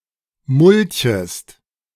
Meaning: second-person singular subjunctive I of mulchen
- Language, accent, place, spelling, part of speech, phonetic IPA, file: German, Germany, Berlin, mulchest, verb, [ˈmʊlçəst], De-mulchest.ogg